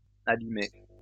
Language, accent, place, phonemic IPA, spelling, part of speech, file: French, France, Lyon, /a.bi.me/, abîmées, verb, LL-Q150 (fra)-abîmées.wav
- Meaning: feminine plural of abîmé